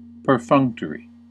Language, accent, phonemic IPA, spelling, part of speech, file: English, US, /pɚˈfʌŋk.tɚ.i/, perfunctory, adjective, En-us-perfunctory.ogg
- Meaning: 1. Done only or merely to conform to a minimal standard or to fulfill a protocol or presumptive duty 2. Performed in a careless or indifferent manner as a thing of rote